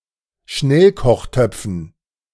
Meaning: dative plural of Schnellkochtopf
- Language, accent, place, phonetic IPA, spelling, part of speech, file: German, Germany, Berlin, [ˈʃnɛlkɔxˌtœp͡fn̩], Schnellkochtöpfen, noun, De-Schnellkochtöpfen.ogg